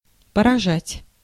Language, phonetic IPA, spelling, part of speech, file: Russian, [pərɐˈʐatʲ], поражать, verb, Ru-поражать.ogg
- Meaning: 1. to hit, to affect, to strike, to defeat (to infect or harm) 2. to amaze, to strike, to stagger, to startle